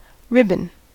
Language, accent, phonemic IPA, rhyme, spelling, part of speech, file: English, US, /ˈɹɪbən/, -ɪbən, ribbon, noun / verb, En-us-ribbon.ogg
- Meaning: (noun) 1. A long, narrow strip of material used for decoration of clothing or the hair or gift wrapping 2. An awareness ribbon